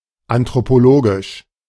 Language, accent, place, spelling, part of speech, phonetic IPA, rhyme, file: German, Germany, Berlin, anthropologisch, adjective, [antʁopoˈloːɡɪʃ], -oːɡɪʃ, De-anthropologisch.ogg
- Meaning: anthropological